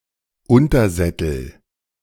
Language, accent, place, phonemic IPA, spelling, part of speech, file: German, Germany, Berlin, /ˈʊntɐˌzɛtl̩/, Untersättel, noun, De-Untersättel.ogg
- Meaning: nominative/accusative/genitive plural of Untersattel